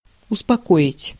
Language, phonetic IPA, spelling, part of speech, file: Russian, [ʊspɐˈkoɪtʲ], успокоить, verb, Ru-успокоить.ogg
- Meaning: 1. to calm, to quiet, to soothe 2. to reassure 3. to assuage, to appease